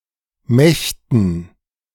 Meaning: dative plural of Macht
- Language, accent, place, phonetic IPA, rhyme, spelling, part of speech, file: German, Germany, Berlin, [ˈmɛçtn̩], -ɛçtn̩, Mächten, noun, De-Mächten.ogg